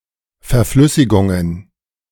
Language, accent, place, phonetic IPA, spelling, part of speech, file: German, Germany, Berlin, [fɛɐ̯ˈflʏsɪɡʊŋən], Verflüssigungen, noun, De-Verflüssigungen.ogg
- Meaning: plural of Verflüssigung